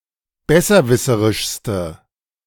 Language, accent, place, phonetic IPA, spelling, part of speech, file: German, Germany, Berlin, [ˈbɛsɐˌvɪsəʁɪʃstə], besserwisserischste, adjective, De-besserwisserischste.ogg
- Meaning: inflection of besserwisserisch: 1. strong/mixed nominative/accusative feminine singular superlative degree 2. strong nominative/accusative plural superlative degree